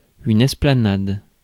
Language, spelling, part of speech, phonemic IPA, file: French, esplanade, noun, /ɛs.pla.nad/, Fr-esplanade.ogg
- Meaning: esplanade, plaza, square, piazza